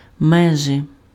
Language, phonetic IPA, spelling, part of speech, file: Ukrainian, [meˈʒɪ], межи, preposition, Uk-межи.ogg
- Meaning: alternative form of між (miž)